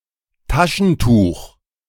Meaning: 1. handkerchief 2. tissue; paper handkerchief
- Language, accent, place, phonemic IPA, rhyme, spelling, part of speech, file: German, Germany, Berlin, /ˈtaʃənˌtuːx/, -uːx, Taschentuch, noun, De-Taschentuch.ogg